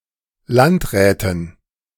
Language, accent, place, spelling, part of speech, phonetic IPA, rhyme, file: German, Germany, Berlin, Landräten, noun, [ˈlantˌʁɛːtn̩], -antʁɛːtn̩, De-Landräten.ogg
- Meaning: dative plural of Landrat